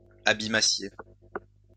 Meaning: second-person plural imperfect subjunctive of abîmer
- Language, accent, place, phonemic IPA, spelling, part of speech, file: French, France, Lyon, /a.bi.ma.sje/, abîmassiez, verb, LL-Q150 (fra)-abîmassiez.wav